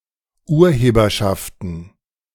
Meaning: plural of Urheberschaft
- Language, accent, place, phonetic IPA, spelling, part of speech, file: German, Germany, Berlin, [ˈuːɐ̯ˌheːbɐʃaftn̩], Urheberschaften, noun, De-Urheberschaften.ogg